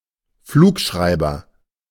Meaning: flight recorder
- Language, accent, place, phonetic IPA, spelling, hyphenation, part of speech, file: German, Germany, Berlin, [ˈfluːkˌʃʀaɪ̯bɐ], Flugschreiber, Flug‧schrei‧ber, noun, De-Flugschreiber.ogg